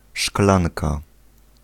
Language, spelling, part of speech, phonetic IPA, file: Polish, szklanka, noun, [ˈʃklãnka], Pl-szklanka.ogg